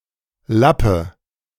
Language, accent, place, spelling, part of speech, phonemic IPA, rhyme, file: German, Germany, Berlin, Lappe, noun, /ˈlapə/, -apə, De-Lappe.ogg
- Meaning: native of Lapland